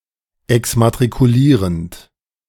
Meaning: present participle of exmatrikulieren
- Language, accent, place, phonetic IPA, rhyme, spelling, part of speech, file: German, Germany, Berlin, [ɛksmatʁikuˈliːʁənt], -iːʁənt, exmatrikulierend, verb, De-exmatrikulierend.ogg